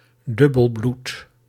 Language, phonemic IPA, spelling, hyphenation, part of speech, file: Dutch, /ˈdʏ.bəlˌblut/, dubbelbloed, dub‧bel‧bloed, noun / adjective, Nl-dubbelbloed.ogg
- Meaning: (noun) a person of mixed-race, who has one lineage that is European or white; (adjective) of mixed race